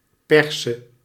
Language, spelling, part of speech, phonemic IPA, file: Dutch, perse, noun / verb, /ˈpɛrsə/, Nl-perse.ogg
- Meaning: singular present subjunctive of persen